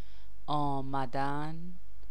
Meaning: 1. to come, to arrive 2. to become
- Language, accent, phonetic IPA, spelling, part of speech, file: Persian, Iran, [ʔɒː.mæ.d̪ǽn], آمدن, verb, Fa-آمدن.ogg